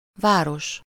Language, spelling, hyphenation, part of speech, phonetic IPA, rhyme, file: Hungarian, város, vá‧ros, noun, [ˈvaːroʃ], -oʃ, Hu-város.ogg
- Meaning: 1. city, town 2. downtown, city centre